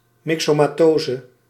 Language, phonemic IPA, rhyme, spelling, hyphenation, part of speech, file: Dutch, /ˌmɪk.soː.maːˈtoː.zə/, -oːzə, myxomatose, myxo‧ma‧to‧se, noun, Nl-myxomatose.ogg
- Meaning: myxomatosis (contagious viral disease affecting rabbits)